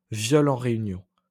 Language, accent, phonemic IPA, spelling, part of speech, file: French, France, /vjɔl ɑ̃ ʁe.y.njɔ̃/, viol en réunion, noun, LL-Q150 (fra)-viol en réunion.wav
- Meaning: gang rape